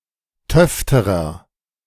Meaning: inflection of töfte: 1. strong/mixed nominative masculine singular comparative degree 2. strong genitive/dative feminine singular comparative degree 3. strong genitive plural comparative degree
- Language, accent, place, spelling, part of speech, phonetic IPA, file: German, Germany, Berlin, töfterer, adjective, [ˈtœftəʁɐ], De-töfterer.ogg